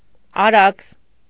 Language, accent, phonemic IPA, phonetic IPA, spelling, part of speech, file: Armenian, Eastern Armenian, /ɑˈɾɑkʰs/, [ɑɾɑ́kʰs], Արաքս, proper noun, Hy-Արաքս.ogg
- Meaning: 1. Araks 2. a female given name, Arax and Araks, from the name of the river, of modern (since the 19th century) usage